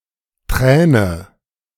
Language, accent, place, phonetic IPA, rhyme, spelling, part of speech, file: German, Germany, Berlin, [ˈtʁɛːnə], -ɛːnə, träne, verb, De-träne.ogg
- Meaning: inflection of tränen: 1. first-person singular present 2. first/third-person singular subjunctive I 3. singular imperative